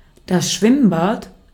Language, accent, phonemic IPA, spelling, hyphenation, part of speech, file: German, Austria, /ˈʃvɪmˌbaːt/, Schwimmbad, Schwimm‧bad, noun, De-at-Schwimmbad.ogg
- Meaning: public pool, public swimming pool, baths, swimming bath